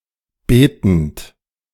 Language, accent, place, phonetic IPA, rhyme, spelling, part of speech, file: German, Germany, Berlin, [ˈbeːtn̩t], -eːtn̩t, betend, verb, De-betend.ogg
- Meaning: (verb) present participle of beten; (adjective) praying